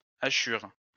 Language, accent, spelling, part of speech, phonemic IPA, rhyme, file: French, France, hachure, noun, /a.ʃyʁ/, -yʁ, LL-Q150 (fra)-hachure.wav
- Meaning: 1. a crosshatching line 2. a mapping hachure or the technique itself 3. Something minced